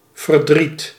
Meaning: 1. grief, sadness, sorrow 2. misery, distress 3. chagrin, aversion
- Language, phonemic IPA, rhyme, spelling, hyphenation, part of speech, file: Dutch, /vərˈdrit/, -it, verdriet, ver‧driet, noun, Nl-verdriet.ogg